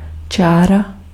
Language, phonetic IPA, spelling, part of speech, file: Czech, [ˈt͡ʃaːra], čára, noun, Cs-čára.ogg
- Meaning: 1. line 2. threadlike mark of pen, pencil, or graver